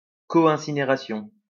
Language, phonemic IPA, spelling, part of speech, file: French, /ɛ̃.si.ne.ʁa.sjɔ̃/, incinération, noun, LL-Q150 (fra)-incinération.wav
- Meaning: 1. incineration 2. cremation